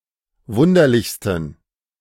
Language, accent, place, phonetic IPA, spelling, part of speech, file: German, Germany, Berlin, [ˈvʊndɐlɪçstn̩], wunderlichsten, adjective, De-wunderlichsten.ogg
- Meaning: 1. superlative degree of wunderlich 2. inflection of wunderlich: strong genitive masculine/neuter singular superlative degree